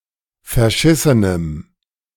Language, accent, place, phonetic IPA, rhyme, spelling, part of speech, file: German, Germany, Berlin, [fɛɐ̯ˈʃɪsənəm], -ɪsənəm, verschissenem, adjective, De-verschissenem.ogg
- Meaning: strong dative masculine/neuter singular of verschissen